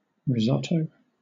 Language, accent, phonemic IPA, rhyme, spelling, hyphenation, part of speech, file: English, Southern England, /ɹɪˈzɒtəʊ/, -ɒtəʊ, risotto, ri‧sot‧to, noun, LL-Q1860 (eng)-risotto.wav
- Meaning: 1. An Italian savoury dish made with rice and other ingredients 2. A similar dish made without rice